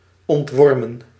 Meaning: to deworm, to remove worms
- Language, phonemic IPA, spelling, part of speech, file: Dutch, /ɔntˈʋɔrmə(n)/, ontwormen, verb, Nl-ontwormen.ogg